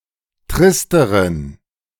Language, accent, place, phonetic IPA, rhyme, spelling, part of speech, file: German, Germany, Berlin, [ˈtʁɪstəʁən], -ɪstəʁən, tristeren, adjective, De-tristeren.ogg
- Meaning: inflection of trist: 1. strong genitive masculine/neuter singular comparative degree 2. weak/mixed genitive/dative all-gender singular comparative degree